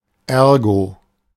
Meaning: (conjunction) ergo
- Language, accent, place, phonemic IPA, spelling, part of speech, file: German, Germany, Berlin, /ˈɛʁɡo/, ergo, conjunction / adverb, De-ergo.ogg